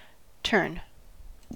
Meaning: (verb) To make a non-linear physical movement.: 1. To move about an axis through itself 2. To change the direction or orientation of, especially by rotation 3. To change one's direction of travel
- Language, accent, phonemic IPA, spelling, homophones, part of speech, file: English, General American, /tɜɹn/, turn, tern / tarn, verb / noun, En-us-turn.ogg